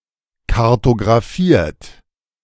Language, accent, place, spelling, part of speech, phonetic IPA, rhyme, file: German, Germany, Berlin, kartografiert, verb, [kaʁtoɡʁaˈfiːɐ̯t], -iːɐ̯t, De-kartografiert.ogg
- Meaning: 1. past participle of kartografieren 2. inflection of kartografieren: third-person singular present 3. inflection of kartografieren: second-person plural present